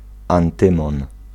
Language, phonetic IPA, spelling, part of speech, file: Polish, [ãnˈtɨ̃mɔ̃n], antymon, noun, Pl-antymon.ogg